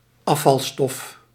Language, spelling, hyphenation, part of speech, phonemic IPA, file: Dutch, afvalstof, af‧val‧stof, noun, /ˈɑ.fɑlˌstɔf/, Nl-afvalstof.ogg
- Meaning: 1. waste product (unwanted material produced during some manufacturing process) 2. waste product (unwanted results of metabolism, expelled in the urine and faeces)